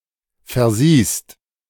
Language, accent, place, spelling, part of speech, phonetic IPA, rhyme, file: German, Germany, Berlin, versiehst, verb, [fɛɐ̯ˈziːst], -iːst, De-versiehst.ogg
- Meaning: second-person singular present of versehen